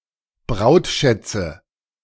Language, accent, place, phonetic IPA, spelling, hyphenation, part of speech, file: German, Germany, Berlin, [ˈbʁaʊ̯tˌʃɛt͡sə], Brautschätze, Braut‧schät‧ze, noun, De-Brautschätze.ogg
- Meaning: nominative genitive accusative plural of Brautschatz